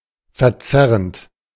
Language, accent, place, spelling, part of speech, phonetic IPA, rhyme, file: German, Germany, Berlin, verzerrend, verb, [fɛɐ̯ˈt͡sɛʁənt], -ɛʁənt, De-verzerrend.ogg
- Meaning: present participle of verzerren